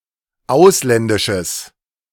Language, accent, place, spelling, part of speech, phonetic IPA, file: German, Germany, Berlin, ausländisches, adjective, [ˈaʊ̯slɛndɪʃəs], De-ausländisches.ogg
- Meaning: strong/mixed nominative/accusative neuter singular of ausländisch